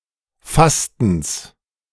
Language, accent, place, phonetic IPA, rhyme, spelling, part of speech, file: German, Germany, Berlin, [ˈfastn̩s], -astn̩s, Fastens, noun, De-Fastens.ogg
- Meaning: genitive singular of Fasten